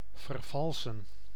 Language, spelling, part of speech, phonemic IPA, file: Dutch, vervalsen, verb, /vərˈvɑl.sə(n)/, Nl-vervalsen.ogg
- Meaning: to falsify